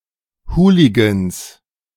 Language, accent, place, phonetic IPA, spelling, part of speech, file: German, Germany, Berlin, [ˈhuːliɡəns], Hooligans, noun, De-Hooligans.ogg
- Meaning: 1. genitive singular of Hooligan 2. plural of Hooligan